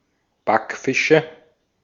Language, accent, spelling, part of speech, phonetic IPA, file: German, Austria, Backfische, noun, [ˈbakˌfɪʃə], De-at-Backfische.ogg
- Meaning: nominative/accusative/genitive plural of Backfisch